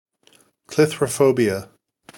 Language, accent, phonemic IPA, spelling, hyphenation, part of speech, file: English, US, /klɪθɹəˈfoʊbiə/, clithrophobia, clith‧ro‧pho‧bia, noun, En-us-clithrophobia.ogg
- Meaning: A fear of being locked in